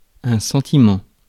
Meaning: 1. a sentiment, general thought, sense or feeling 2. an opinion
- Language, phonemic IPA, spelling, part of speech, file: French, /sɑ̃.ti.mɑ̃/, sentiment, noun, Fr-sentiment.ogg